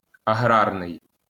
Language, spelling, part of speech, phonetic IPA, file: Ukrainian, аграрний, adjective, [ɐˈɦrarnei̯], LL-Q8798 (ukr)-аграрний.wav
- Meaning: agrarian